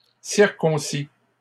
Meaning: inflection of circoncire: 1. third-person singular present indicative 2. third-person singular past historic
- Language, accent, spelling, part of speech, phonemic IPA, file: French, Canada, circoncit, verb, /siʁ.kɔ̃.si/, LL-Q150 (fra)-circoncit.wav